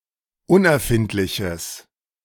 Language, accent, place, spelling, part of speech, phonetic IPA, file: German, Germany, Berlin, unerfindliches, adjective, [ˈʊnʔɛɐ̯ˌfɪntlɪçəs], De-unerfindliches.ogg
- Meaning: strong/mixed nominative/accusative neuter singular of unerfindlich